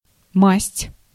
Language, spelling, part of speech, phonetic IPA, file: Russian, масть, noun, [masʲtʲ], Ru-масть.ogg
- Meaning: 1. color 2. suit